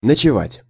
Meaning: to spend the night, stay for the night, to stay overnight
- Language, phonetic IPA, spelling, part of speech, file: Russian, [nət͡ɕɪˈvatʲ], ночевать, verb, Ru-ночевать.ogg